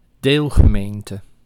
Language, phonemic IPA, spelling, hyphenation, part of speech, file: Dutch, /ˈdeːl.ɣəˌmeːn.tə/, deelgemeente, deel‧ge‧meen‧te, noun, Nl-deelgemeente.ogg
- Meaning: 1. part of a municipality with an own government 2. part of a municipality, which was formerly an own municipality and is now part of a fusiegemeente